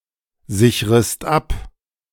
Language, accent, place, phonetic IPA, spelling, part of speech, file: German, Germany, Berlin, [ˌzɪçʁəst ˈap], sichrest ab, verb, De-sichrest ab.ogg
- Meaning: second-person singular subjunctive I of absichern